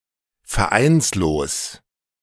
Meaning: not under a contract; unmarried
- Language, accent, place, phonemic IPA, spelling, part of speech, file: German, Germany, Berlin, /fɛɐ̯ˈʔaɪ̯nsloːs/, vereinslos, adjective, De-vereinslos.ogg